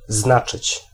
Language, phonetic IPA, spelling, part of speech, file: Polish, [ˈznat͡ʃɨt͡ɕ], znaczyć, verb, Pl-znaczyć.ogg